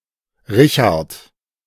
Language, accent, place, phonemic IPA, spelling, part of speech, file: German, Germany, Berlin, /ˈʁɪçaɐ̯t/, Richard, proper noun, De-Richard.ogg
- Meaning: a male given name, equivalent to English Richard